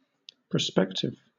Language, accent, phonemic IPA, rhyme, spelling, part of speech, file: English, Southern England, /pɹəˈspɛktɪv/, -ɛktɪv, prospective, adjective / noun, LL-Q1860 (eng)-prospective.wav
- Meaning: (adjective) 1. Likely or expected to happen or become 2. Anticipated in the near or far future 3. Of or relating to a prospect; furnishing a prospect 4. Looking forward in time; acting with foresight